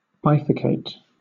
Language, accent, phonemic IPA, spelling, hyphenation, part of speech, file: English, Southern England, /ˈbaɪfəˌkeɪt/, bifurcate, bi‧fur‧cate, verb, LL-Q1860 (eng)-bifurcate.wav
- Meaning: 1. To divide or fork into two channels or branches 2. To cause to bifurcate